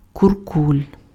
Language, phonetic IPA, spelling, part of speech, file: Ukrainian, [kʊrˈkulʲ], куркуль, noun, Uk-куркуль.ogg
- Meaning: 1. miser, moneygrubber, penny pincher, cheapskate 2. kurkul, kulak